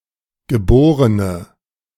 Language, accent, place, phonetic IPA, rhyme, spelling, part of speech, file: German, Germany, Berlin, [ɡəˈboːʁənə], -oːʁənə, geborene, adjective, De-geborene.ogg
- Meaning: inflection of geboren: 1. strong/mixed nominative/accusative feminine singular 2. strong nominative/accusative plural 3. weak nominative all-gender singular 4. weak accusative feminine/neuter singular